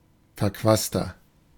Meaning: 1. comparative degree of verquast 2. inflection of verquast: strong/mixed nominative masculine singular 3. inflection of verquast: strong genitive/dative feminine singular
- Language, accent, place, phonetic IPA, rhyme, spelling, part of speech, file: German, Germany, Berlin, [fɛɐ̯ˈkvaːstɐ], -aːstɐ, verquaster, adjective, De-verquaster.ogg